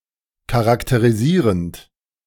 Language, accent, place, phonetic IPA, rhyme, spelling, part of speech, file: German, Germany, Berlin, [kaʁakteʁiˈziːʁənt], -iːʁənt, charakterisierend, verb, De-charakterisierend.ogg
- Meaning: present participle of charakterisieren